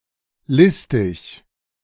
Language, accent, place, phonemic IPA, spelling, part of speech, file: German, Germany, Berlin, /ˈlɪstɪç/, listig, adjective, De-listig.ogg
- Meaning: cunning, wily, crafty